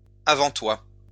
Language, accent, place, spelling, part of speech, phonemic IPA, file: French, France, Lyon, avant-toit, noun, /a.vɑ̃.twa/, LL-Q150 (fra)-avant-toit.wav
- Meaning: eaves